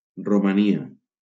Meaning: Romania (a country in Southeastern Europe)
- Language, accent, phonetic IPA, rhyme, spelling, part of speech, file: Catalan, Valencia, [ro.maˈni.a], -ia, Romania, proper noun, LL-Q7026 (cat)-Romania.wav